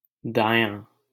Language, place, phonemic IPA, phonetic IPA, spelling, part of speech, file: Hindi, Delhi, /d̪ɑː.jɑ̃ː/, [d̪äː.jä̃ː], दायाँ, adjective, LL-Q1568 (hin)-दायाँ.wav
- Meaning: right (side)